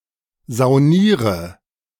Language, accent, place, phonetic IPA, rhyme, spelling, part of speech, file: German, Germany, Berlin, [zaʊ̯ˈniːʁə], -iːʁə, sauniere, verb, De-sauniere.ogg
- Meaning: inflection of saunieren: 1. first-person singular present 2. singular imperative 3. first/third-person singular subjunctive I